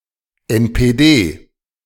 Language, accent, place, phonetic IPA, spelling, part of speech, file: German, Germany, Berlin, [ɛnpeːˈdeː], NPD, abbreviation, De-NPD.ogg
- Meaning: initialism of Nationaldemokratische Partei Deutschlands (“National Democratic Party of Germany”), former name of Die Heimat (“The Homeland”), a German neo-Nazi white nationalist political party